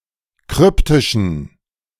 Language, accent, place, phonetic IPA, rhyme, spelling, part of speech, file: German, Germany, Berlin, [ˈkʁʏptɪʃn̩], -ʏptɪʃn̩, kryptischen, adjective, De-kryptischen.ogg
- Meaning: inflection of kryptisch: 1. strong genitive masculine/neuter singular 2. weak/mixed genitive/dative all-gender singular 3. strong/weak/mixed accusative masculine singular 4. strong dative plural